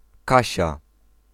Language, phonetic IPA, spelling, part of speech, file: Polish, [ˈkaɕa], Kasia, proper noun, Pl-Kasia.ogg